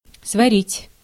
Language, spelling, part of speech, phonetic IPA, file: Russian, сварить, verb, [svɐˈrʲitʲ], Ru-сварить.ogg
- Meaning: 1. to cook, to boil 2. to smelt 3. to weld